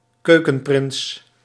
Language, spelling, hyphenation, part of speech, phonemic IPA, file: Dutch, keukenprins, keu‧ken‧prins, noun, /ˈkøː.kə(n)ˌprɪns/, Nl-keukenprins.ogg
- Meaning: a man who is good at and enjoys cooking non-professionally